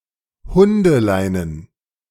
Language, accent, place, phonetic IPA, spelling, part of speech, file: German, Germany, Berlin, [ˈhʊndəˌlaɪ̯nən], Hundeleinen, noun, De-Hundeleinen.ogg
- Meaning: plural of Hundeleine